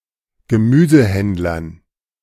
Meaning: dative plural of Gemüsehändler
- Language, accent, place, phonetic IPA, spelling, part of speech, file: German, Germany, Berlin, [ɡəˈmyːzəˌhɛndlɐn], Gemüsehändlern, noun, De-Gemüsehändlern.ogg